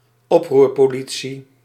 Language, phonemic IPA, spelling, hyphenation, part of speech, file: Dutch, /ˈɔp.rur.poːˌli.(t)si/, oproerpolitie, op‧roer‧po‧li‧tie, noun, Nl-oproerpolitie.ogg
- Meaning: riot police